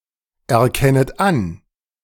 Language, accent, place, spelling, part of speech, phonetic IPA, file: German, Germany, Berlin, erkennet an, verb, [ɛɐ̯ˌkɛnət ˈan], De-erkennet an.ogg
- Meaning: second-person plural subjunctive I of anerkennen